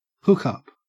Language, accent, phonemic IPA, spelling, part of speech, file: English, Australia, /ˈhʊkʌp/, hookup, noun, En-au-hookup.ogg
- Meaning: 1. A connection 2. A brief sexual relationship or encounter 3. A sexual partner